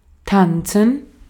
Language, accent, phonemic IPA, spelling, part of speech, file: German, Austria, /ˈtan(t)sən/, tanzen, verb, De-at-tanzen.ogg
- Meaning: to dance